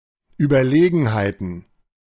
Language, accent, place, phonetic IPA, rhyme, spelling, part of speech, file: German, Germany, Berlin, [yːbɐˈleːɡn̩haɪ̯tn̩], -eːɡn̩haɪ̯tn̩, Überlegenheiten, noun, De-Überlegenheiten.ogg
- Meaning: plural of Überlegenheit